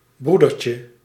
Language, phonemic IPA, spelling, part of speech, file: Dutch, /ˈbrudərcə/, broedertje, noun, Nl-broedertje.ogg
- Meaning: diminutive of broeder